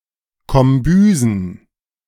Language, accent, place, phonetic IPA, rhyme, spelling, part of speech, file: German, Germany, Berlin, [kɔmˈbyːzn̩], -yːzn̩, Kombüsen, noun, De-Kombüsen.ogg
- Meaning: plural of Kombüse